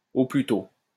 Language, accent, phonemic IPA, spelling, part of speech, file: French, France, /o ply to/, au plus tôt, adverb, LL-Q150 (fra)-au plus tôt.wav
- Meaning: 1. at the earliest, at the soonest, no sooner than 2. as soon as possible